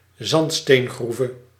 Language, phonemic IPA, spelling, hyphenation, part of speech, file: Dutch, /ˈzɑnt.steːnˌɣru.və/, zandsteengroeve, zand‧steen‧groe‧ve, noun, Nl-zandsteengroeve.ogg
- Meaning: sandstone quarry (quarry where sandstone is excavated)